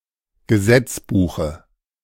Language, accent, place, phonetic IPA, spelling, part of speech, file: German, Germany, Berlin, [ɡəˈzɛt͡sˌbuːxə], Gesetzbuche, noun, De-Gesetzbuche.ogg
- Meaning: dative singular of Gesetzbuch